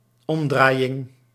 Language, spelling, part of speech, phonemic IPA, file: Dutch, omdraaiing, noun, /ˈɔmdrajɪŋ/, Nl-omdraaiing.ogg
- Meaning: turnover